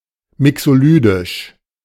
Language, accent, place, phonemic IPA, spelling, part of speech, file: German, Germany, Berlin, /ˈmɪksoˌlyːdɪʃ/, mixolydisch, adjective, De-mixolydisch.ogg
- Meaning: Mixolydian